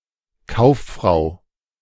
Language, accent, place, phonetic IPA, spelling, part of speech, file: German, Germany, Berlin, [ˈkaʊ̯fˌfʁaʊ̯], Kauffrau, noun, De-Kauffrau.ogg
- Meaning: merchant, businessman, trader (female)